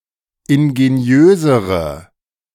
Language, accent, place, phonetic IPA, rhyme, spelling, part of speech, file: German, Germany, Berlin, [ɪnɡeˈni̯øːzəʁə], -øːzəʁə, ingeniösere, adjective, De-ingeniösere.ogg
- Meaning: inflection of ingeniös: 1. strong/mixed nominative/accusative feminine singular comparative degree 2. strong nominative/accusative plural comparative degree